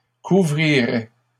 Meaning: first/second-person singular conditional of couvrir
- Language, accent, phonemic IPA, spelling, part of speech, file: French, Canada, /ku.vʁi.ʁɛ/, couvrirais, verb, LL-Q150 (fra)-couvrirais.wav